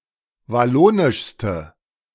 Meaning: inflection of wallonisch: 1. strong/mixed nominative/accusative feminine singular superlative degree 2. strong nominative/accusative plural superlative degree
- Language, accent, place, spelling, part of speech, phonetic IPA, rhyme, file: German, Germany, Berlin, wallonischste, adjective, [vaˈloːnɪʃstə], -oːnɪʃstə, De-wallonischste.ogg